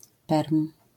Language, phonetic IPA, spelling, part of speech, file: Polish, [pɛrm], perm, noun, LL-Q809 (pol)-perm.wav